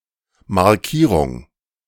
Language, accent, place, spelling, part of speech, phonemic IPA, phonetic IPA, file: German, Germany, Berlin, Markierung, noun, /maʁˈkiːʁʊŋ/, [maɐ̯ˈkʰiːʁʊŋ], De-Markierung.ogg
- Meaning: 1. mark, marking, tag 2. marker